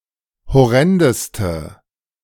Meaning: inflection of horrend: 1. strong/mixed nominative/accusative feminine singular superlative degree 2. strong nominative/accusative plural superlative degree
- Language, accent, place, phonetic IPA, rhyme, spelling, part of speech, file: German, Germany, Berlin, [hɔˈʁɛndəstə], -ɛndəstə, horrendeste, adjective, De-horrendeste.ogg